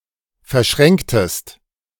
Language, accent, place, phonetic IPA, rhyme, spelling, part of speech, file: German, Germany, Berlin, [fɛɐ̯ˈʃʁɛŋktəst], -ɛŋktəst, verschränktest, verb, De-verschränktest.ogg
- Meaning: inflection of verschränken: 1. second-person singular preterite 2. second-person singular subjunctive II